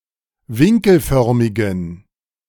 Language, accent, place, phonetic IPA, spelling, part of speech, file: German, Germany, Berlin, [ˈvɪŋkl̩ˌfœʁmɪɡn̩], winkelförmigen, adjective, De-winkelförmigen.ogg
- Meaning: inflection of winkelförmig: 1. strong genitive masculine/neuter singular 2. weak/mixed genitive/dative all-gender singular 3. strong/weak/mixed accusative masculine singular 4. strong dative plural